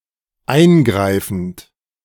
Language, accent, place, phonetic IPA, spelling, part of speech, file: German, Germany, Berlin, [ˈaɪ̯nˌɡʁaɪ̯fn̩t], eingreifend, verb, De-eingreifend.ogg
- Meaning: present participle of eingreifen